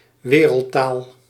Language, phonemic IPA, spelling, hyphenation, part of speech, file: Dutch, /ˈʋeː.rəl(t)ˌtaːl/, wereldtaal, we‧reld‧taal, noun, Nl-wereldtaal.ogg
- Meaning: 1. world language (language spoken widely internationally) 2. world language (global lingua franca, usually pertaining to a constructed language)